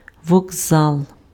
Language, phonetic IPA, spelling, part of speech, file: Ukrainian, [wɔɡˈzaɫ], вокзал, noun, Uk-вокзал.ogg
- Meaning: train station, railroad station, railway station, depot